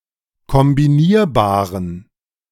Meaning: inflection of kombinierbar: 1. strong genitive masculine/neuter singular 2. weak/mixed genitive/dative all-gender singular 3. strong/weak/mixed accusative masculine singular 4. strong dative plural
- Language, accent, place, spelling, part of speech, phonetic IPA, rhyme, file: German, Germany, Berlin, kombinierbaren, adjective, [kɔmbiˈniːɐ̯baːʁən], -iːɐ̯baːʁən, De-kombinierbaren.ogg